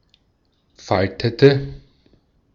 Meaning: inflection of falten: 1. first/third-person singular preterite 2. first/third-person singular subjunctive II
- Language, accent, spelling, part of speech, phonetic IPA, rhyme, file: German, Austria, faltete, verb, [ˈfaltətə], -altətə, De-at-faltete.ogg